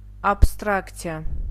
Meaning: abstraction
- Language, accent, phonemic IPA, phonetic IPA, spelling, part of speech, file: Armenian, Eastern Armenian, /ɑpʰstɾɑkt͡sʰiˈɑ/, [ɑpʰstɾɑkt͡sʰjɑ́], աբստրակցիա, noun, Hy-աբստրակցիա.ogg